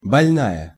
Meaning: female equivalent of больно́й (bolʹnój): female patient
- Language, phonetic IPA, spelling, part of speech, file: Russian, [bɐlʲˈnajə], больная, noun, Ru-больная.ogg